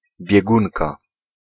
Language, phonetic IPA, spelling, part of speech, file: Polish, [bʲjɛˈɡũnka], biegunka, noun, Pl-biegunka.ogg